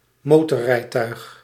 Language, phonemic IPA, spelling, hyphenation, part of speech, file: Dutch, /ˈmoː.tɔ(r)ˌrɛi̯.tœy̯x/, motorrijtuig, mo‧tor‧rij‧tuig, noun, Nl-motorrijtuig.ogg
- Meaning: motorised vehicle